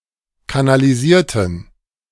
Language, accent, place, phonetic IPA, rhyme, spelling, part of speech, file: German, Germany, Berlin, [kanaliˈziːɐ̯tn̩], -iːɐ̯tn̩, kanalisierten, adjective / verb, De-kanalisierten.ogg
- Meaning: inflection of kanalisieren: 1. first/third-person plural preterite 2. first/third-person plural subjunctive II